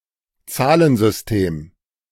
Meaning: number system
- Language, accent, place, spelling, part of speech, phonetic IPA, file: German, Germany, Berlin, Zahlensystem, noun, [ˈt͡saːlənzʏsˌteːm], De-Zahlensystem.ogg